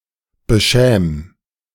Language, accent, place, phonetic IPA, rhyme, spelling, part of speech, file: German, Germany, Berlin, [bəˈʃɛːm], -ɛːm, beschäm, verb, De-beschäm.ogg
- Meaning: 1. singular imperative of beschämen 2. first-person singular present of beschämen